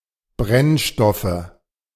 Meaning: nominative/accusative/genitive plural of Brennstoff
- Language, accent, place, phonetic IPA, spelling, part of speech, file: German, Germany, Berlin, [ˈbʁɛnˌʃtɔfə], Brennstoffe, noun, De-Brennstoffe.ogg